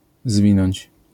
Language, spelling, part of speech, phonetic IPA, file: Polish, zwinąć, verb, [ˈzvʲĩnɔ̃ɲt͡ɕ], LL-Q809 (pol)-zwinąć.wav